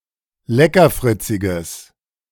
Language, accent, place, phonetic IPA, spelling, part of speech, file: German, Germany, Berlin, [ˈlɛkɐˌfʁɪt͡sɪɡəs], leckerfritziges, adjective, De-leckerfritziges.ogg
- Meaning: strong/mixed nominative/accusative neuter singular of leckerfritzig